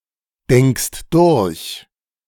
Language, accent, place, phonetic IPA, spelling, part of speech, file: German, Germany, Berlin, [ˌdɛŋkst ˈdʊʁç], denkst durch, verb, De-denkst durch.ogg
- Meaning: second-person singular present of durchdenken